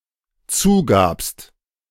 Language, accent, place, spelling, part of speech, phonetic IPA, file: German, Germany, Berlin, zugabst, verb, [ˈt͡suːˌɡaːpst], De-zugabst.ogg
- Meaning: second-person singular dependent preterite of zugeben